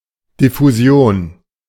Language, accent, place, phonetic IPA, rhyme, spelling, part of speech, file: German, Germany, Berlin, [dɪfuˈzi̯oːn], -oːn, Diffusion, noun, De-Diffusion.ogg
- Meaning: diffusion (physics: the intermingling of the molecules of a fluid due to random thermal agitation)